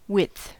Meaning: 1. The state of being wide 2. The measurement of the extent of something from side to side 3. A piece of material measured along its smaller dimension, especially fabric
- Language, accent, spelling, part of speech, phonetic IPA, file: English, US, width, noun, [wɪd̪θ], En-us-width.ogg